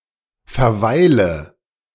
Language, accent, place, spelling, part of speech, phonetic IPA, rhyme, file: German, Germany, Berlin, verweile, verb, [fɛɐ̯ˈvaɪ̯lə], -aɪ̯lə, De-verweile.ogg
- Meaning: inflection of verweilen: 1. first-person singular present 2. first/third-person singular subjunctive I 3. singular imperative